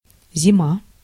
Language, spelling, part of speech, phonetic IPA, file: Russian, зима, noun, [zʲɪˈma], Ru-зима.ogg
- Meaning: winter